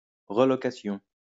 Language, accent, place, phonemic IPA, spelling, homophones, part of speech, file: French, France, Lyon, /ʁə.lɔ.ka.sjɔ̃/, relocation, relocations, noun, LL-Q150 (fra)-relocation.wav
- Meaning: relocation (all senses)